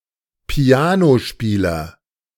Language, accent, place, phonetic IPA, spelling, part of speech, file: German, Germany, Berlin, [ˈpi̯aːnoˌʃpiːlɐ], Pianospieler, noun, De-Pianospieler.ogg
- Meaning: piano player, pianist (male or of unspecified sex)